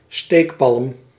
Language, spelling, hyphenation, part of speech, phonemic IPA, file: Dutch, steekpalm, steek‧palm, noun, /ˈsteːk.pɑlm/, Nl-steekpalm.ogg
- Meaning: 1. holly (Ilex aquifolium) 2. certain plants of the genus Ruscus 3. European box, boxwood (Buxus sempervirens)